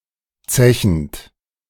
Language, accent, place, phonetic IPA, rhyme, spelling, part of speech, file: German, Germany, Berlin, [ˈt͡sɛçn̩t], -ɛçn̩t, zechend, verb, De-zechend.ogg
- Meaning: present participle of zechen